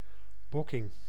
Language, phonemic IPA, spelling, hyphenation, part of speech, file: Dutch, /ˈbɔ.kɪŋ/, bokking, bok‧king, noun, Nl-bokking.ogg
- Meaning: 1. buckling, smoked herring 2. rebuke, excoriation